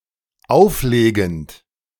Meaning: present participle of auflegen
- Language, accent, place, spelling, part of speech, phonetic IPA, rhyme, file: German, Germany, Berlin, auflegend, verb, [ˈaʊ̯fˌleːɡn̩t], -aʊ̯fleːɡn̩t, De-auflegend.ogg